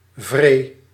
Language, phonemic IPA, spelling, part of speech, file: Dutch, /vre/, vree, verb / noun, Nl-vree.ogg
- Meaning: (noun) alternative form of vrede; peace; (verb) singular past indicative of vrijen; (adverb) very